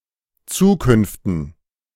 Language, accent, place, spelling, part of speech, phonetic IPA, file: German, Germany, Berlin, Zukünften, noun, [ˈt͡suːˌkʏnftn̩], De-Zukünften.ogg
- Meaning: dative plural of Zukunft